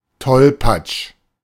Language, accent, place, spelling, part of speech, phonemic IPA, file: German, Germany, Berlin, Tollpatsch, noun, /ˈtɔlpat͡ʃ/, De-Tollpatsch.ogg
- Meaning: 1. a Hungarian or Hungarian-origin soldier that does not converse well 2. klutz, blunderer, butterfingers (clumsy person)